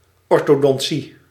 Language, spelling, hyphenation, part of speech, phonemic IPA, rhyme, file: Dutch, orthodontie, or‧tho‧don‧tie, noun, /ˌɔr.toː.dɔnˈ(t)si/, -i, Nl-orthodontie.ogg
- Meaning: orthodontics, orthodontia